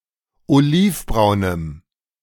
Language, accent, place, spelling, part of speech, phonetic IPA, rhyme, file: German, Germany, Berlin, olivbraunem, adjective, [oˈliːfˌbʁaʊ̯nəm], -iːfbʁaʊ̯nəm, De-olivbraunem.ogg
- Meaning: strong dative masculine/neuter singular of olivbraun